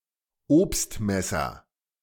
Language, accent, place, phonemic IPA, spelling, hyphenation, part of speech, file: German, Germany, Berlin, /ˈoːpstˌmɛsɐ/, Obstmesser, Obst‧mes‧ser, noun, De-Obstmesser.ogg
- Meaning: fruit knife